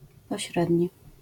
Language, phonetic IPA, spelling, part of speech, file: Polish, [pɔˈɕrɛdʲɲi], pośredni, adjective, LL-Q809 (pol)-pośredni.wav